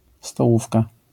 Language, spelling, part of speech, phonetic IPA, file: Polish, stołówka, noun, [stɔˈwufka], LL-Q809 (pol)-stołówka.wav